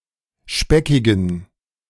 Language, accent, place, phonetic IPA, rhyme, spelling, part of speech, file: German, Germany, Berlin, [ˈʃpɛkɪɡn̩], -ɛkɪɡn̩, speckigen, adjective, De-speckigen.ogg
- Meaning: inflection of speckig: 1. strong genitive masculine/neuter singular 2. weak/mixed genitive/dative all-gender singular 3. strong/weak/mixed accusative masculine singular 4. strong dative plural